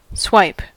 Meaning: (verb) 1. To grab or bat quickly 2. To strike with a strong blow in a sweeping motion 3. To scan or register by sliding (a swipecard etc.) through a reader
- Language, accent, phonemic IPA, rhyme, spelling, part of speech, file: English, US, /swaɪp/, -aɪp, swipe, verb / noun, En-us-swipe.ogg